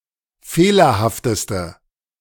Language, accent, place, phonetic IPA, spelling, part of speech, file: German, Germany, Berlin, [ˈfeːlɐhaftəstə], fehlerhafteste, adjective, De-fehlerhafteste.ogg
- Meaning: inflection of fehlerhaft: 1. strong/mixed nominative/accusative feminine singular superlative degree 2. strong nominative/accusative plural superlative degree